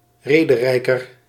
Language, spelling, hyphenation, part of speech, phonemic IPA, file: Dutch, rederijker, re‧de‧rij‧ker, noun, /ˈreː.dəˌrɛi̯.kər/, Nl-rederijker.ogg
- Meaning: rhetorician, literatus, especially an amateur involved in theatre; a member of the literary guilds that existed in the Low Countries in the late mediaeval and early modern periods